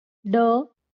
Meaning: The twelfth consonant in Marathi
- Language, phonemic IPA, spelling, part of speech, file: Marathi, /ɖə/, ड, character, LL-Q1571 (mar)-ड.wav